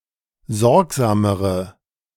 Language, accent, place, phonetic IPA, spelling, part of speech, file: German, Germany, Berlin, [ˈzɔʁkzaːməʁə], sorgsamere, adjective, De-sorgsamere.ogg
- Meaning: inflection of sorgsam: 1. strong/mixed nominative/accusative feminine singular comparative degree 2. strong nominative/accusative plural comparative degree